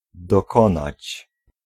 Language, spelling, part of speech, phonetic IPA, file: Polish, dokonać, verb, [dɔˈkɔ̃nat͡ɕ], Pl-dokonać.ogg